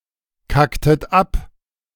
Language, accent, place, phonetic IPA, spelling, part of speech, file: German, Germany, Berlin, [ˌkaktət ˈap], kacktet ab, verb, De-kacktet ab.ogg
- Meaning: inflection of abkacken: 1. second-person plural preterite 2. second-person plural subjunctive II